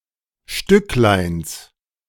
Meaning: genitive singular of Stücklein
- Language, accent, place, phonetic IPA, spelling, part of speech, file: German, Germany, Berlin, [ˈʃtʏklaɪ̯ns], Stückleins, noun, De-Stückleins.ogg